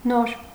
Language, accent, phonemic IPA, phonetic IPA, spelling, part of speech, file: Armenian, Eastern Armenian, /noɾ/, [noɾ], նոր, adjective / adverb / conjunction, Hy-նոր.ogg
- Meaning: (adjective) new; fresh; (adverb) just, just now; not long ago, recently; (conjunction) then